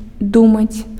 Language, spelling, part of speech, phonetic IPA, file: Belarusian, думаць, verb, [ˈdumat͡sʲ], Be-думаць.ogg
- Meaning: to think